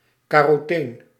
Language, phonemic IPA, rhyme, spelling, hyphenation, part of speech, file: Dutch, /ˌkaː.roːˈteːn/, -eːn, caroteen, ca‧ro‧teen, noun, Nl-caroteen.ogg
- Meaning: carotene